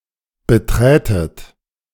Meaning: second-person plural subjunctive II of betreten
- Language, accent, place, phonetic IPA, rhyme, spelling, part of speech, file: German, Germany, Berlin, [bəˈtʁɛːtət], -ɛːtət, beträtet, verb, De-beträtet.ogg